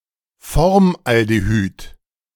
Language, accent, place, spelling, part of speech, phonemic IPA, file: German, Germany, Berlin, Formaldehyd, noun, /ˈfɔʁmʔaldeˌhyt/, De-Formaldehyd.ogg
- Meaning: formaldehyde (organic compound)